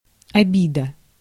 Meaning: 1. resentment (feeling), offense; grudges 2. hurt, grievance
- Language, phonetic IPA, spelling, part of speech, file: Russian, [ɐˈbʲidə], обида, noun, Ru-обида.ogg